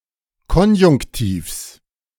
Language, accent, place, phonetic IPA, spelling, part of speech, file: German, Germany, Berlin, [ˈkɔnjʊŋktiːfs], Konjunktivs, noun, De-Konjunktivs.ogg
- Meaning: genitive singular of Konjunktiv